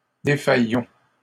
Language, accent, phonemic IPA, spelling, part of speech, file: French, Canada, /de.fa.jɔ̃/, défaillons, verb, LL-Q150 (fra)-défaillons.wav
- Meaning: inflection of défaillir: 1. first-person plural present indicative 2. first-person plural imperative